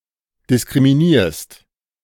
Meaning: second-person singular present of diskriminieren
- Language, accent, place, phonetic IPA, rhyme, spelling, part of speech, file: German, Germany, Berlin, [dɪskʁimiˈniːɐ̯st], -iːɐ̯st, diskriminierst, verb, De-diskriminierst.ogg